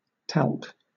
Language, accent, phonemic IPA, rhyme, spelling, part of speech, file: English, Southern England, /tælk/, -ælk, talc, noun / verb, LL-Q1860 (eng)-talc.wav